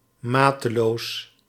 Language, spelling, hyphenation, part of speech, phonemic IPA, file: Dutch, mateloos, ma‧te‧loos, adjective / adverb, /ˈmaː.təˌloːs/, Nl-mateloos.ogg
- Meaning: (adjective) immoderate, excessive; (adverb) 1. immoderately, excessively 2. immensely, to no end